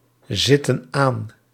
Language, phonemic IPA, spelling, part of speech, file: Dutch, /ˈzɪtə(n) ˈan/, zitten aan, verb, Nl-zitten aan.ogg
- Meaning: inflection of aanzitten: 1. plural present indicative 2. plural present subjunctive